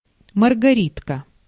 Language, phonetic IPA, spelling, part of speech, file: Russian, [mərɡɐˈrʲitkə], маргаритка, noun, Ru-маргаритка.ogg
- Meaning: daisy (shrub, flower)